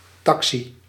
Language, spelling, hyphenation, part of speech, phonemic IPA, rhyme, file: Dutch, taxi, ta‧xi, noun, /ˈtɑk.si/, -ɑksi, Nl-taxi.ogg
- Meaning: a taxi